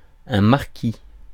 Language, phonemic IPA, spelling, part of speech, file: French, /maʁ.ki/, marquis, noun, Fr-marquis.ogg
- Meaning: marquess (title of nobility)